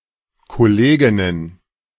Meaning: plural of Kollegin
- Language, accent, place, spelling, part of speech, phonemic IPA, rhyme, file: German, Germany, Berlin, Kolleginnen, noun, /kɔˈleːɡɪnən/, -eːɡɪnən, De-Kolleginnen.ogg